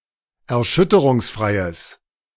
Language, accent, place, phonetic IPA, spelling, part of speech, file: German, Germany, Berlin, [ɛɐ̯ˈʃʏtəʁʊŋsˌfʁaɪ̯əs], erschütterungsfreies, adjective, De-erschütterungsfreies.ogg
- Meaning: strong/mixed nominative/accusative neuter singular of erschütterungsfrei